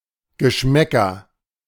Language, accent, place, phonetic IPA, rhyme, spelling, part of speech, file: German, Germany, Berlin, [ɡəˈʃmɛkɐ], -ɛkɐ, Geschmäcker, noun, De-Geschmäcker.ogg
- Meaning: nominative/accusative/genitive plural of Geschmack